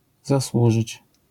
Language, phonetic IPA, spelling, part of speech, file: Polish, [zaˈswuʒɨt͡ɕ], zasłużyć, verb, LL-Q809 (pol)-zasłużyć.wav